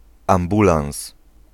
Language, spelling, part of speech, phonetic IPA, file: Polish, ambulans, noun, [ãmˈbulãw̃s], Pl-ambulans.ogg